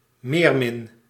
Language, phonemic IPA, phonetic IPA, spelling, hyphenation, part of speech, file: Dutch, /ˈmeːrmɪn/, [ˈmɪːr.mɪn], meermin, meer‧min, noun, Nl-meermin.ogg
- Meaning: mermaid